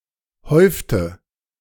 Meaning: inflection of häufen: 1. first/third-person singular preterite 2. first/third-person singular subjunctive II
- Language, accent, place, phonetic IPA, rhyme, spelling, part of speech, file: German, Germany, Berlin, [ˈhɔɪ̯ftə], -ɔɪ̯ftə, häufte, verb, De-häufte.ogg